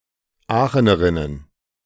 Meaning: plural of Aachenerin
- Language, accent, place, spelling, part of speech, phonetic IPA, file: German, Germany, Berlin, Aachenerinnen, noun, [ˈaːxənəʁɪnən], De-Aachenerinnen.ogg